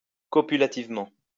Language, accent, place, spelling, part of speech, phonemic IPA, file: French, France, Lyon, copulativement, adverb, /kɔ.py.la.tiv.mɑ̃/, LL-Q150 (fra)-copulativement.wav
- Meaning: copulatively